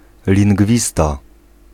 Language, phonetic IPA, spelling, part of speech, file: Polish, [lʲĩŋɡˈvʲista], lingwista, noun, Pl-lingwista.ogg